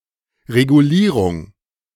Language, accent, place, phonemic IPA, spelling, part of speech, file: German, Germany, Berlin, /ʁeɡuˈliːʁʊŋ/, Regulierung, noun, De-Regulierung.ogg
- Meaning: regulation